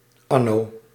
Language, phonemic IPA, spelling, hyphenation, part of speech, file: Dutch, /ˈɑ.noː/, anno, an‧no, adverb, Nl-anno.ogg
- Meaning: in the year